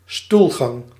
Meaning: one's stool, fecal discharge
- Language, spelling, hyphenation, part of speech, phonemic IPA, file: Dutch, stoelgang, stoel‧gang, noun, /ˈstulɣɑŋ/, Nl-stoelgang.ogg